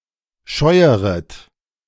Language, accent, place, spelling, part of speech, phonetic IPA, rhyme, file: German, Germany, Berlin, scheueret, verb, [ˈʃɔɪ̯əʁət], -ɔɪ̯əʁət, De-scheueret.ogg
- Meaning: second-person plural subjunctive I of scheuern